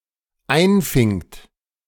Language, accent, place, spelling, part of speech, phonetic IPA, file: German, Germany, Berlin, einfingt, verb, [ˈaɪ̯nˌfɪŋt], De-einfingt.ogg
- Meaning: second-person plural dependent preterite of einfangen